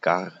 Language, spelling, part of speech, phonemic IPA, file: German, gar, adjective / adverb, /ɡaːr/, De-gar.ogg
- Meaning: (adjective) 1. cooked, done (of food such as meat or vegetables: ready for consumption) 2. refined; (adverb) 1. at all; even 2. even; expressing a climax 3. all 4. very; quite; really